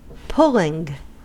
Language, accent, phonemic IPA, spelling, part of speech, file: English, US, /ˈpʊlɪŋ/, pulling, verb / noun, En-us-pulling.ogg
- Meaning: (verb) present participle and gerund of pull; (noun) The act by which something is pulled